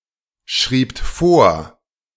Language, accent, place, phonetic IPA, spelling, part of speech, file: German, Germany, Berlin, [ˌʃʁiːpt ˈfoːɐ̯], schriebt vor, verb, De-schriebt vor.ogg
- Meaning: second-person plural preterite of vorschreiben